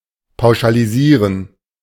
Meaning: to generalize
- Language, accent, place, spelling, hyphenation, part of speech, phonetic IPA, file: German, Germany, Berlin, pauschalisieren, pau‧scha‧li‧sie‧ren, verb, [paʊ̯ʃaliˈziːʁən], De-pauschalisieren.ogg